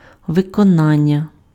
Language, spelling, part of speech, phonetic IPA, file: Ukrainian, виконання, noun, [ʋekɔˈnanʲːɐ], Uk-виконання.ogg
- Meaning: 1. execution, performance 2. fulfilment, accomplishment